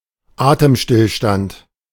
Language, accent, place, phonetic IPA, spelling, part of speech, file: German, Germany, Berlin, [ˈaːtəmˌʃtɪlʃtant], Atemstillstand, noun, De-Atemstillstand.ogg
- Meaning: apnoea